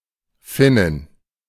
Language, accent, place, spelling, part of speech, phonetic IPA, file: German, Germany, Berlin, Finnin, noun, [ˈfɪnɪn], De-Finnin.ogg
- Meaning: Finn (female person from Finland)